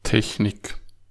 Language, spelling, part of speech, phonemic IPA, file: German, Technik, noun, /ˈtɛçnɪk/, De-Technik.ogg
- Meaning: 1. technique 2. technology